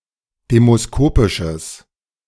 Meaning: strong/mixed nominative/accusative neuter singular of demoskopisch
- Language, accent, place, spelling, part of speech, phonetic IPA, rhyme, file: German, Germany, Berlin, demoskopisches, adjective, [ˌdeːmosˈkoːpɪʃəs], -oːpɪʃəs, De-demoskopisches.ogg